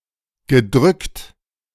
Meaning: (verb) past participle of drücken; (adjective) subdued, somber, dejected (of the mood somewhere or among a group)
- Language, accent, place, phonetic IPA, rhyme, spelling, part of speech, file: German, Germany, Berlin, [ɡəˈdʁʏkt], -ʏkt, gedrückt, verb, De-gedrückt.ogg